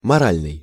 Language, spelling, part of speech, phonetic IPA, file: Russian, моральный, adjective, [mɐˈralʲnɨj], Ru-моральный.ogg
- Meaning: 1. moral (relating to principles of right and wrong) 2. psychological, mental, emotional